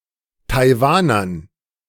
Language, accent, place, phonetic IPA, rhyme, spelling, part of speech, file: German, Germany, Berlin, [taɪ̯ˈvaːnɐn], -aːnɐn, Taiwanern, noun, De-Taiwanern.ogg
- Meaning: dative plural of Taiwaner